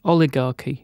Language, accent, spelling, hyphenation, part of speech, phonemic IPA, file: English, UK, oligarchy, o‧li‧gar‧chy, noun, /ˈɒlɪˌɡɑːki/, En-uk-oligarchy.ogg
- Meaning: 1. A government run by and for only a few, often the aristocracy, the wealthy, or their friends and associates 2. A state ruled by such a government 3. Those who make up an oligarchic government